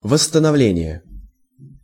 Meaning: 1. restoration, renewal (the process of bringing an object back to its original state) 2. reinstatement 3. reduction
- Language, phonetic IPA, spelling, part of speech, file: Russian, [vəsːtənɐˈvlʲenʲɪje], восстановление, noun, Ru-восстановление.ogg